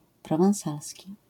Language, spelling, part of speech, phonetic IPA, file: Polish, prowansalski, adjective / noun, [ˌprɔvãw̃ˈsalsʲci], LL-Q809 (pol)-prowansalski.wav